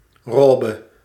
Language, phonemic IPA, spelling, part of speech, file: Dutch, /ˈrɔːbə/, robe, noun, Nl-robe.ogg
- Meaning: gown, robe